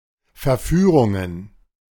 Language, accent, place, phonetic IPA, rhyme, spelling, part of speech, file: German, Germany, Berlin, [fɛɐ̯ˈfyːʁʊŋən], -yːʁʊŋən, Verführungen, noun, De-Verführungen.ogg
- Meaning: plural of Verführung